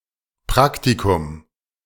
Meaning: 1. internship (job taken by a student), apprenticeship 2. a practical course as opposed to a theoretical one, work placement, practicum
- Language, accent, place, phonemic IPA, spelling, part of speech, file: German, Germany, Berlin, /ˈpʁaktikʊm/, Praktikum, noun, De-Praktikum.ogg